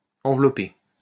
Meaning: wrapped past participle of envelopper
- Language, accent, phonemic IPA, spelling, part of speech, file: French, France, /ɑ̃.vlɔ.pe/, enveloppé, verb, LL-Q150 (fra)-enveloppé.wav